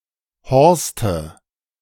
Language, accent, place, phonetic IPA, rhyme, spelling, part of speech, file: German, Germany, Berlin, [ˈhɔʁstə], -ɔʁstə, Horste, noun, De-Horste.ogg
- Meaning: nominative/accusative/genitive plural of Horst